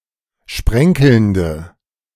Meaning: inflection of sprenkelnd: 1. strong/mixed nominative/accusative feminine singular 2. strong nominative/accusative plural 3. weak nominative all-gender singular
- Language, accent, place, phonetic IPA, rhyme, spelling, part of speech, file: German, Germany, Berlin, [ˈʃpʁɛŋkl̩ndə], -ɛŋkl̩ndə, sprenkelnde, adjective, De-sprenkelnde.ogg